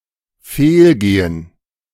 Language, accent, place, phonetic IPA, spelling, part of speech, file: German, Germany, Berlin, [ˈfeːlˌɡeːən], fehlgehen, verb, De-fehlgehen.ogg
- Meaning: 1. to be mistaken 2. to miss